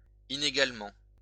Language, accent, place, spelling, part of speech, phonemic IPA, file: French, France, Lyon, inégalement, adverb, /i.ne.ɡal.mɑ̃/, LL-Q150 (fra)-inégalement.wav
- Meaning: unequally